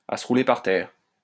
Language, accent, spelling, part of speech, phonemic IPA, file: French, France, à se rouler par terre, adjective, /a s(ə) ʁu.le paʁ tɛʁ/, LL-Q150 (fra)-à se rouler par terre.wav
- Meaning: sidesplitting, hysterically funny, hilarious